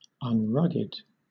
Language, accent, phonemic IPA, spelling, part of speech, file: English, Southern England, /ʌnˈɹʌɡɪd/, unrugged, adjective, LL-Q1860 (eng)-unrugged.wav
- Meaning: Not rugged